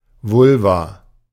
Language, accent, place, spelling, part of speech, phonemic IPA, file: German, Germany, Berlin, Vulva, noun, /ˈvʊlva/, De-Vulva.ogg
- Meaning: 1. vulva 2. vagina